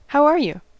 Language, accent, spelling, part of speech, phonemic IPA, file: English, US, how are you, phrase, /haʊ ˈɑɹ ju/, En-us-how are you.ogg
- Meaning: An informal greeting, not requiring a literal response. In form a question, and thus followed by a question mark. Typical responses include